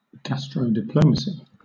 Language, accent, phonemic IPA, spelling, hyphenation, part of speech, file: English, Southern England, /ˌɡæstɹəʊdɪˈpləʊməsi/, gastrodiplomacy, gas‧tro‧di‧plom‧a‧cy, noun, LL-Q1860 (eng)-gastrodiplomacy.wav
- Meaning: A type of cultural diplomacy where relations between representatives of different cultures are improved by the means of gastronomy and the promotion of national cuisines